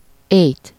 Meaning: accusative singular of éj
- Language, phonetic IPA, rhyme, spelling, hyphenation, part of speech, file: Hungarian, [ˈeːjt], -eːjt, éjt, éjt, noun, Hu-éjt.ogg